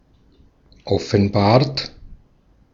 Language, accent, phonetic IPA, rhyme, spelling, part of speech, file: German, Austria, [ɔfn̩ˈbaːɐ̯t], -aːɐ̯t, offenbart, verb, De-at-offenbart.ogg
- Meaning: 1. past participle of offenbaren 2. inflection of offenbaren: third-person singular present 3. inflection of offenbaren: second-person plural present 4. inflection of offenbaren: plural imperative